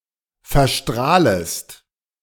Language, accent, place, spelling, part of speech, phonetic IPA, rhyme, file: German, Germany, Berlin, verstrahlest, verb, [fɛɐ̯ˈʃtʁaːləst], -aːləst, De-verstrahlest.ogg
- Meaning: second-person singular subjunctive I of verstrahlen